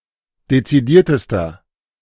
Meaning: inflection of dezidiert: 1. strong/mixed nominative masculine singular superlative degree 2. strong genitive/dative feminine singular superlative degree 3. strong genitive plural superlative degree
- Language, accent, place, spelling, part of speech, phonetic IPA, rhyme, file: German, Germany, Berlin, dezidiertester, adjective, [det͡siˈdiːɐ̯təstɐ], -iːɐ̯təstɐ, De-dezidiertester.ogg